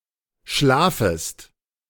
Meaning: second-person singular subjunctive I of schlafen
- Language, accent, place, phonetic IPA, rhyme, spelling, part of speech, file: German, Germany, Berlin, [ˈʃlaːfəst], -aːfəst, schlafest, verb, De-schlafest.ogg